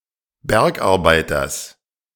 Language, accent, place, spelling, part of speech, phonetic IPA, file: German, Germany, Berlin, Bergarbeiters, noun, [ˈbɛʁkʔaʁˌbaɪ̯tɐs], De-Bergarbeiters.ogg
- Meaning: genitive singular of Bergarbeiter